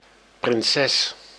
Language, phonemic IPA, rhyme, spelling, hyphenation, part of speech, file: Dutch, /prɪnˈsɛs/, -ɛs, prinses, prin‧ses, noun, Nl-prinses.ogg
- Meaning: princess